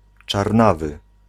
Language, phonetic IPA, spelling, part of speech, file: Polish, [t͡ʃarˈnavɨ], czarnawy, adjective, Pl-czarnawy.ogg